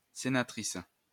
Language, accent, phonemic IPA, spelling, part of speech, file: French, France, /se.na.tʁis/, sénatrice, noun, LL-Q150 (fra)-sénatrice.wav
- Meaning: female equivalent of sénateur